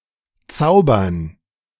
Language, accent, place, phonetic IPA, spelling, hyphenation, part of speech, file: German, Germany, Berlin, [ˈtsaʊ̯bɐn], zaubern, zau‧bern, verb, De-zaubern.ogg
- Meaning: to conjure, to perform magic